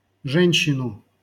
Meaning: accusative singular of же́нщина (žénščina)
- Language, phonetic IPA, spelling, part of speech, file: Russian, [ˈʐɛnʲɕːɪnʊ], женщину, noun, LL-Q7737 (rus)-женщину.wav